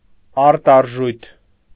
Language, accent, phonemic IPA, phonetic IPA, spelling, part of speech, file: Armenian, Eastern Armenian, /ɑɾtɑɾˈʒujtʰ/, [ɑɾtɑɾʒújtʰ], արտարժույթ, noun, Hy-արտարժույթ.ogg
- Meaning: foreign currency